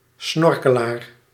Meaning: a snorkeller
- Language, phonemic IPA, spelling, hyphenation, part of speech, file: Dutch, /ˈsnɔr.kəˌlaːr/, snorkelaar, snor‧ke‧laar, noun, Nl-snorkelaar.ogg